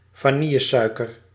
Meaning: vanilla sugar (vanilla-flavoured sugar)
- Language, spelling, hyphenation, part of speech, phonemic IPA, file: Dutch, vanillesuiker, va‧nil‧le‧sui‧ker, noun, /vaːˈni.jəˌsœy̯.kər/, Nl-vanillesuiker.ogg